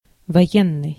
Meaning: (adjective) 1. war; military 2. martial 3. soldier; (noun) soldier, military man
- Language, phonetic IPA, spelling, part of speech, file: Russian, [vɐˈjenːɨj], военный, adjective / noun, Ru-военный.ogg